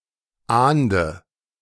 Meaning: inflection of ahnden: 1. first-person singular present 2. first/third-person singular subjunctive I 3. singular imperative
- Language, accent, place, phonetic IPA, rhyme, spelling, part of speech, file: German, Germany, Berlin, [ˈaːndə], -aːndə, ahnde, verb, De-ahnde.ogg